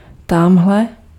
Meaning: over there
- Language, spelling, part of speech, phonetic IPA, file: Czech, tamhle, adverb, [ˈtamɦlɛ], Cs-tamhle.ogg